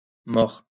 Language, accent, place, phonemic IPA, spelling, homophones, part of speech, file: French, France, Lyon, /mɔʁ/, mors, mord / mords / more / mores / mort / maure, noun, LL-Q150 (fra)-mors.wav
- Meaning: bit